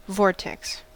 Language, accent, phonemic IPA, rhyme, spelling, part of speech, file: English, US, /ˈvɔɹtɛks/, -ɔɹtɛks, vortex, noun / verb, En-us-vortex.ogg
- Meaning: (noun) 1. A whirlwind, whirlpool, or similarly moving matter in the form of a spiral or column 2. Anything that involves constant violent or chaotic activity around some centre